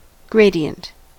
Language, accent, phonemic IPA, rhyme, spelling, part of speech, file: English, US, /ˈɡɹeɪdiənt/, -eɪdiənt, gradient, noun / adjective, En-us-gradient.ogg
- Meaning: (noun) 1. A slope or incline 2. A rate of inclination or declination of a slope 3. The ratio of the rates of change of a dependent variable and an independent variable, the slope of a curve's tangent